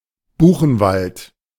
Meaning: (noun) beech forest, beechwood forest; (proper noun) Buchenwald
- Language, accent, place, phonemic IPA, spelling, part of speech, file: German, Germany, Berlin, /ˈbuːχn̩ˌvalt/, Buchenwald, noun / proper noun, De-Buchenwald.ogg